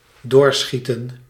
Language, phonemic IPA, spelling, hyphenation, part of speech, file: Dutch, /ˈdoːrˌsxi.tə(n)/, doorschieten, door‧schie‧ten, verb, Nl-doorschieten.ogg
- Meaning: 1. to overshoot 2. to continue shooting